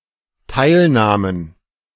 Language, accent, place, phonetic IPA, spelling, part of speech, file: German, Germany, Berlin, [ˈtaɪ̯lˌnaːmən], teilnahmen, verb, De-teilnahmen.ogg
- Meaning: first/third-person plural dependent preterite of teilnehmen